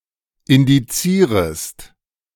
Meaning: second-person singular subjunctive I of indizieren
- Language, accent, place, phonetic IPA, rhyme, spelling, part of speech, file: German, Germany, Berlin, [ɪndiˈt͡siːʁəst], -iːʁəst, indizierest, verb, De-indizierest.ogg